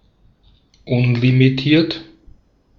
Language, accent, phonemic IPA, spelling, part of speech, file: German, Austria, /ˈʊnlimiˌtiːɐ̯t/, unlimitiert, adjective, De-at-unlimitiert.ogg
- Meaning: unlimited